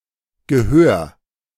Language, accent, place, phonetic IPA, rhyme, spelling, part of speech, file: German, Germany, Berlin, [ɡəˈhøːɐ̯], -øːɐ̯, gehör, verb, De-gehör.ogg
- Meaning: 1. singular imperative of gehören 2. first-person singular present of gehören